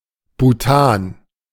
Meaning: butane (the organic compound)
- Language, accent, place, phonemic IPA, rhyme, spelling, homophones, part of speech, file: German, Germany, Berlin, /buˈtaːn/, -aːn, Butan, Bhutan, noun, De-Butan.ogg